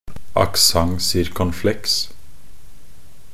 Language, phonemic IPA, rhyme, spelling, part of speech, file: Norwegian Bokmål, /akˈsaŋ.sɪrkɔŋˈflɛks/, -ɛks, accent circonflexe, noun, Nb-accent circonflexe.ogg
- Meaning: a circumflex (a diacritical mark (ˆ) placed over a vowel or a consonant in the orthography or transliteration of many languages)